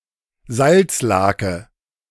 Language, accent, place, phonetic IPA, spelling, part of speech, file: German, Germany, Berlin, [ˈzalt͡sˌlaːkə], Salzlake, noun, De-Salzlake.ogg
- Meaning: brine (for pickling food)